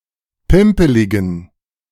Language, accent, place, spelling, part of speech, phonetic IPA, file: German, Germany, Berlin, pimpeligen, adjective, [ˈpɪmpəlɪɡn̩], De-pimpeligen.ogg
- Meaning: inflection of pimpelig: 1. strong genitive masculine/neuter singular 2. weak/mixed genitive/dative all-gender singular 3. strong/weak/mixed accusative masculine singular 4. strong dative plural